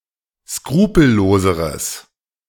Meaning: strong/mixed nominative/accusative neuter singular comparative degree of skrupellos
- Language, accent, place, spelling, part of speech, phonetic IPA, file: German, Germany, Berlin, skrupelloseres, adjective, [ˈskʁuːpl̩ˌloːzəʁəs], De-skrupelloseres.ogg